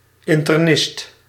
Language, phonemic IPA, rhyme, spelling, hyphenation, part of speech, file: Dutch, /ˌɪn.tərˈnɪst/, -ɪst, internist, in‧ter‧nist, noun, Nl-internist.ogg
- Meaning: internist (specialist in internal medicine)